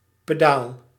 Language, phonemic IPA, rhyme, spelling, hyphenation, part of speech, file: Dutch, /pəˈdaːl/, -aːl, pedaal, pe‧daal, noun, Nl-pedaal.ogg
- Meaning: pedal